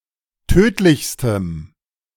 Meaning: strong dative masculine/neuter singular superlative degree of tödlich
- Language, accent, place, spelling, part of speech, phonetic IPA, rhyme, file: German, Germany, Berlin, tödlichstem, adjective, [ˈtøːtlɪçstəm], -øːtlɪçstəm, De-tödlichstem.ogg